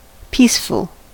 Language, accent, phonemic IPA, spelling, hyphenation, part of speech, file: English, US, /ˈpiːsfl̩/, peaceful, peace‧ful, adjective, En-us-peaceful.ogg
- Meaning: 1. Not at war; not disturbed by strife or turmoil 2. Inclined to peace 3. Motionless and calm